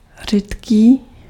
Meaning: 1. thin (of low viscosity) 2. sparse 3. infrequent
- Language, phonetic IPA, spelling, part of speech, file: Czech, [ˈr̝iːtkiː], řídký, adjective, Cs-řídký.ogg